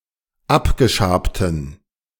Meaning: inflection of abgeschabt: 1. strong genitive masculine/neuter singular 2. weak/mixed genitive/dative all-gender singular 3. strong/weak/mixed accusative masculine singular 4. strong dative plural
- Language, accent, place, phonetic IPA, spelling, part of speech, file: German, Germany, Berlin, [ˈapɡəˌʃaːptn̩], abgeschabten, adjective, De-abgeschabten.ogg